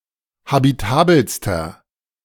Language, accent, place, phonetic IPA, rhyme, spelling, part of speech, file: German, Germany, Berlin, [habiˈtaːbl̩stɐ], -aːbl̩stɐ, habitabelster, adjective, De-habitabelster.ogg
- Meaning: inflection of habitabel: 1. strong/mixed nominative masculine singular superlative degree 2. strong genitive/dative feminine singular superlative degree 3. strong genitive plural superlative degree